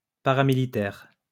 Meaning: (adjective) paramilitary; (noun) paramilitary (civilian trained in a military fashion)
- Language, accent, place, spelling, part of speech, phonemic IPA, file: French, France, Lyon, paramilitaire, adjective / noun, /pa.ʁa.mi.li.tɛʁ/, LL-Q150 (fra)-paramilitaire.wav